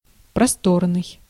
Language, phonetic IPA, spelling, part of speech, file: Russian, [prɐˈstornɨj], просторный, adjective, Ru-просторный.ogg
- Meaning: 1. spacious, roomy 2. loose (not fitting tightly)